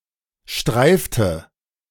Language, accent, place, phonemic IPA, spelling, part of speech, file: German, Germany, Berlin, /ˈʃtʁaɪ̯ftə/, streifte, verb, De-streifte.ogg
- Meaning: inflection of streifen: 1. first/third-person singular preterite 2. first/third-person singular subjunctive II